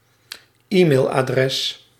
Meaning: e-mail address
- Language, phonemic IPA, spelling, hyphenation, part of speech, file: Dutch, /ˈi.meːl.aːˌdrɛs/, e-mailadres, e-mail‧adres, noun, Nl-e-mailadres.ogg